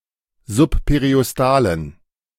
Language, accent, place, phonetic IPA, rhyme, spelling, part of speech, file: German, Germany, Berlin, [zʊppeʁiʔɔsˈtaːlən], -aːlən, subperiostalen, adjective, De-subperiostalen.ogg
- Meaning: inflection of subperiostal: 1. strong genitive masculine/neuter singular 2. weak/mixed genitive/dative all-gender singular 3. strong/weak/mixed accusative masculine singular 4. strong dative plural